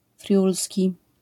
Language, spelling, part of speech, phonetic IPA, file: Polish, friulski, adjective / noun, [ˈfrʲjulsʲci], LL-Q809 (pol)-friulski.wav